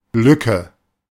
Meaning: 1. gap, opening 2. slit, crack 3. hatch
- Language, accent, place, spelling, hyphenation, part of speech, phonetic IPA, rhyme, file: German, Germany, Berlin, Lücke, Lü‧cke, noun, [ˈlʏkə], -ʏkə, De-Lücke.ogg